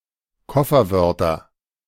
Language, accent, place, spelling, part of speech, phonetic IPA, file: German, Germany, Berlin, Kofferwörter, noun, [ˈkɔfɐˌvœʁtɐ], De-Kofferwörter.ogg
- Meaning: nominative/accusative/genitive plural of Kofferwort